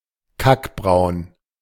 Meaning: an ugly type of brown, similar in color to feces
- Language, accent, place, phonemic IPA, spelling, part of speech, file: German, Germany, Berlin, /ˈkakbʁaʊ̯n/, kackbraun, adjective, De-kackbraun.ogg